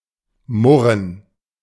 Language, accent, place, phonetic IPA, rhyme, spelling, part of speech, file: German, Germany, Berlin, [ˈmʊʁən], -ʊʁən, murren, verb, De-murren.ogg
- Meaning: to grumble (to express one's displeasure, especially with a low voice, without explicitly addressing anyone)